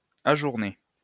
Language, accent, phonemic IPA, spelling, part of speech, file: French, France, /a.ʒuʁ.ne/, ajourné, verb / adjective, LL-Q150 (fra)-ajourné.wav
- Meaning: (verb) past participle of ajourner; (adjective) adjourned, postponed